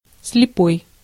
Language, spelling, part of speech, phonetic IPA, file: Russian, слепой, adjective / noun, [s⁽ʲ⁾lʲɪˈpoj], Ru-слепой.ogg
- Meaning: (adjective) blind (unable to see); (noun) blind man, blind person